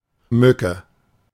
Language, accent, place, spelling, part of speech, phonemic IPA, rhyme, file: German, Germany, Berlin, Mücke, noun, /ˈmʏkə/, -ʏkə, De-Mücke.ogg
- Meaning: 1. A nematoceran, an insect of the order Nematocera, that is a mosquito, crane fly, gnat, or midge 2. mosquito 3. fly